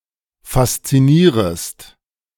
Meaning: second-person singular subjunctive I of faszinieren
- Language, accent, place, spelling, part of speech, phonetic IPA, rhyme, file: German, Germany, Berlin, faszinierest, verb, [fast͡siˈniːʁəst], -iːʁəst, De-faszinierest.ogg